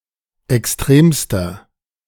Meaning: inflection of extrem: 1. strong/mixed nominative masculine singular superlative degree 2. strong genitive/dative feminine singular superlative degree 3. strong genitive plural superlative degree
- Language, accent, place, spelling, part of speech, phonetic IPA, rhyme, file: German, Germany, Berlin, extremster, adjective, [ɛksˈtʁeːmstɐ], -eːmstɐ, De-extremster.ogg